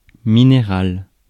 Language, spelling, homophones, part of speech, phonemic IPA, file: French, minéral, minérale / minérales, noun / adjective, /mi.ne.ʁal/, Fr-minéral.ogg
- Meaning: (noun) mineral, ore; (adjective) mineral